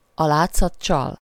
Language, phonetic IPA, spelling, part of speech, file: Hungarian, [ɒ ˈlaːt͡sːɒt ˈt͡ʃɒl], a látszat csal, proverb, Hu-a látszat csal.ogg
- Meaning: appearances are deceptive